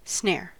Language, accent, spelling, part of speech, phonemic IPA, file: English, US, snare, noun / verb, /snɛ(ə)ɹ/, En-us-snare.ogg
- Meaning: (noun) 1. A trap (especially one made from a loop of wire, string, or leather) 2. A mental or psychological trap